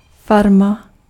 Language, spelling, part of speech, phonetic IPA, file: Czech, farma, noun, [ˈfarma], Cs-farma.ogg
- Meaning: farm